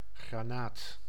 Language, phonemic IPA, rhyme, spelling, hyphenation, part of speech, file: Dutch, /ɣraːˈnaːt/, -aːt, granaat, gra‧naat, noun, Nl-granaat.ogg
- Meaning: 1. a grenade; e.g. a hand grenade, an artillery shell 2. a garnet 3. a pomegranate (fruit) 4. pomegranate plant (Punica granatum)